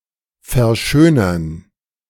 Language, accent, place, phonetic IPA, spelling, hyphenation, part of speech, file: German, Germany, Berlin, [fɛɐ̯ˈʃøːnɐn], verschönern, ver‧schö‧nern, verb, De-verschönern.ogg
- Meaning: to beautify, to embellish